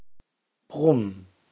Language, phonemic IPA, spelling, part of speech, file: German, /bʁʊm/, Brumm, proper noun, De-Brumm.ogg
- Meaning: a surname